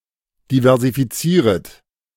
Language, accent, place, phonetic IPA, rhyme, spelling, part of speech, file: German, Germany, Berlin, [divɛʁzifiˈt͡siːʁət], -iːʁət, diversifizieret, verb, De-diversifizieret.ogg
- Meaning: second-person plural subjunctive I of diversifizieren